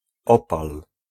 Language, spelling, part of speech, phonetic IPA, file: Polish, opal, noun / verb, [ˈɔpal], Pl-opal.ogg